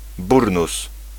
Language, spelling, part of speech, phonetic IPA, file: Polish, burnus, noun, [ˈburnus], Pl-burnus.ogg